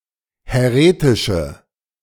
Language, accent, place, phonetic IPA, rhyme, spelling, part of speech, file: German, Germany, Berlin, [hɛˈʁeːtɪʃə], -eːtɪʃə, häretische, adjective, De-häretische.ogg
- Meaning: inflection of häretisch: 1. strong/mixed nominative/accusative feminine singular 2. strong nominative/accusative plural 3. weak nominative all-gender singular